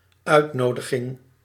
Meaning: 1. invitation; the act of inviting; solicitation, the requesting of a person's company 2. a document written or printed, or spoken words, conveying the message by which one is invited
- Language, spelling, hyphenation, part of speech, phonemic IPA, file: Dutch, uitnodiging, uit‧no‧di‧ging, noun, /ˈœy̯tˌnoː.də.ɣɪŋ/, Nl-uitnodiging.ogg